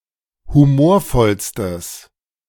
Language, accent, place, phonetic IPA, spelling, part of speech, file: German, Germany, Berlin, [huˈmoːɐ̯ˌfɔlstəs], humorvollstes, adjective, De-humorvollstes.ogg
- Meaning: strong/mixed nominative/accusative neuter singular superlative degree of humorvoll